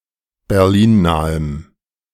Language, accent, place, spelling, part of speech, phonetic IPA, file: German, Germany, Berlin, berlinnahem, adjective, [bɛʁˈliːnˌnaːəm], De-berlinnahem.ogg
- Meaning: strong dative masculine/neuter singular of berlinnah